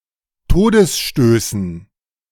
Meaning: dative plural of Todesstoß
- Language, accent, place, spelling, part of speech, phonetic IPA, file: German, Germany, Berlin, Todesstößen, noun, [ˈtoːdəsˌʃtøːsn̩], De-Todesstößen.ogg